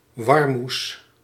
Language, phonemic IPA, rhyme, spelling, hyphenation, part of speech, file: Dutch, /ˈʋɑr.mus/, -us, warmoes, war‧moes, noun, Nl-warmoes.ogg
- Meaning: 1. vegetables, greens 2. chard (Beta vulgaris var. vulgaris or Beta vulgaris var. cicla)